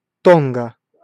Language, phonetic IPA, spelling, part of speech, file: Russian, [ˈtonɡə], Тонга, proper noun, Ru-Тонга.ogg
- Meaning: Tonga (a country and archipelago of Polynesia in Oceania)